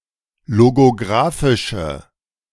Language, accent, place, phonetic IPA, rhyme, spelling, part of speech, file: German, Germany, Berlin, [loɡoˈɡʁaːfɪʃə], -aːfɪʃə, logografische, adjective, De-logografische.ogg
- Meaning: inflection of logografisch: 1. strong/mixed nominative/accusative feminine singular 2. strong nominative/accusative plural 3. weak nominative all-gender singular